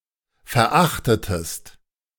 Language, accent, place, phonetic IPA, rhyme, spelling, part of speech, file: German, Germany, Berlin, [fɛɐ̯ˈʔaxtətəst], -axtətəst, verachtetest, verb, De-verachtetest.ogg
- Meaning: inflection of verachten: 1. second-person singular preterite 2. second-person singular subjunctive II